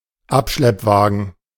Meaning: tow truck
- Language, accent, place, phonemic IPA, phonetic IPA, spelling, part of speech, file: German, Germany, Berlin, /ˈapʃlɛpˌvaːɡən/, [ˈʔapʃlɛpˌvaːɡŋ̩], Abschleppwagen, noun, De-Abschleppwagen.ogg